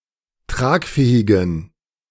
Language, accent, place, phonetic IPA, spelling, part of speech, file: German, Germany, Berlin, [ˈtʁaːkˌfɛːɪɡn̩], tragfähigen, adjective, De-tragfähigen.ogg
- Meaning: inflection of tragfähig: 1. strong genitive masculine/neuter singular 2. weak/mixed genitive/dative all-gender singular 3. strong/weak/mixed accusative masculine singular 4. strong dative plural